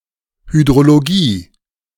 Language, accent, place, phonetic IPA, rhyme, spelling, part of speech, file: German, Germany, Berlin, [hydʁoloˈɡiː], -iː, Hydrologie, noun, De-Hydrologie.ogg
- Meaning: hydrology